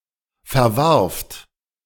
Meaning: second-person plural preterite of verwerfen
- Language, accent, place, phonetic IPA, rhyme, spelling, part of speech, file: German, Germany, Berlin, [fɛɐ̯ˈvaʁft], -aʁft, verwarft, verb, De-verwarft.ogg